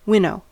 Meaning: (verb) To subject (granular material, especially food grain) to a current of air separating heavier and lighter components, as grain from chaff
- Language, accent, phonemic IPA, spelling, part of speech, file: English, US, /ˈwɪnoʊ/, winnow, verb / noun, En-us-winnow.ogg